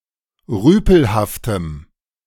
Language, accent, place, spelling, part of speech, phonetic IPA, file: German, Germany, Berlin, rüpelhaftem, adjective, [ˈʁyːpl̩haftəm], De-rüpelhaftem.ogg
- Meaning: strong dative masculine/neuter singular of rüpelhaft